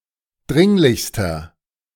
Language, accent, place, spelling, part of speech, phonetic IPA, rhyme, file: German, Germany, Berlin, dringlichster, adjective, [ˈdʁɪŋlɪçstɐ], -ɪŋlɪçstɐ, De-dringlichster.ogg
- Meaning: inflection of dringlich: 1. strong/mixed nominative masculine singular superlative degree 2. strong genitive/dative feminine singular superlative degree 3. strong genitive plural superlative degree